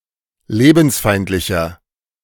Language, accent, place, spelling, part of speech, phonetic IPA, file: German, Germany, Berlin, lebensfeindlicher, adjective, [ˈleːbn̩sˌfaɪ̯ntlɪçɐ], De-lebensfeindlicher.ogg
- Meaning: 1. comparative degree of lebensfeindlich 2. inflection of lebensfeindlich: strong/mixed nominative masculine singular 3. inflection of lebensfeindlich: strong genitive/dative feminine singular